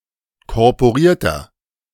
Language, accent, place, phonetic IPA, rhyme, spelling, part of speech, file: German, Germany, Berlin, [kɔʁpoˈʁiːɐ̯tɐ], -iːɐ̯tɐ, korporierter, adjective, De-korporierter.ogg
- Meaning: inflection of korporiert: 1. strong/mixed nominative masculine singular 2. strong genitive/dative feminine singular 3. strong genitive plural